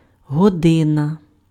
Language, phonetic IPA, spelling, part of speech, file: Ukrainian, [ɦɔˈdɪnɐ], година, noun, Uk-година.ogg
- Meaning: 1. hour 2. time 3. lesson